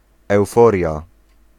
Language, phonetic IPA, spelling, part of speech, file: Polish, [ɛwˈfɔrʲja], euforia, noun, Pl-euforia.ogg